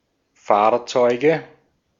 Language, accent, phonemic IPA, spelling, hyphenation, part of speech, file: German, Austria, /ˈfaːɐ̯t͡sɔɪ̯ɡə/, Fahrzeuge, Fahr‧zeu‧ge, noun, De-at-Fahrzeuge.ogg
- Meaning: nominative/accusative/genitive plural of Fahrzeug "vehicles"